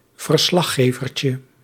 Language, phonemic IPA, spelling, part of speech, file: Dutch, /vərˈslɑxevərcə/, verslaggevertje, noun, Nl-verslaggevertje.ogg
- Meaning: diminutive of verslaggever